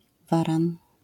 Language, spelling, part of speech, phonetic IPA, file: Polish, waran, noun, [ˈvarãn], LL-Q809 (pol)-waran.wav